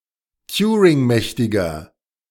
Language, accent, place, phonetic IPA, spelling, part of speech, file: German, Germany, Berlin, [ˈtjuːʁɪŋˌmɛçtɪɡɐ], turingmächtiger, adjective, De-turingmächtiger.ogg
- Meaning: inflection of turingmächtig: 1. strong/mixed nominative masculine singular 2. strong genitive/dative feminine singular 3. strong genitive plural